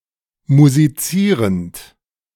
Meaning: present participle of musizieren
- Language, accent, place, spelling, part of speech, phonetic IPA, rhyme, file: German, Germany, Berlin, musizierend, verb, [muziˈt͡siːʁənt], -iːʁənt, De-musizierend.ogg